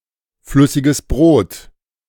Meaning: beer
- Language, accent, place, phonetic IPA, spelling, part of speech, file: German, Germany, Berlin, [ˌflʏsɪɡəs ˈbʁoːt], flüssiges Brot, noun, De-flüssiges Brot.ogg